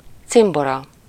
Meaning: companion, pal, chum, mate
- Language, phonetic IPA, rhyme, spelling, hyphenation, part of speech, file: Hungarian, [ˈt͡simborɒ], -rɒ, cimbora, cim‧bo‧ra, noun, Hu-cimbora.ogg